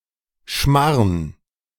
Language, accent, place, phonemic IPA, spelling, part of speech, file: German, Germany, Berlin, /ʃmaʁn/, Schmarrn, noun, De-Schmarrn.ogg
- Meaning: 1. A dish of chopped or shredded baked goods; especially Kaiserschmarrn (shredded pancake dessert) 2. rubbish, nonsense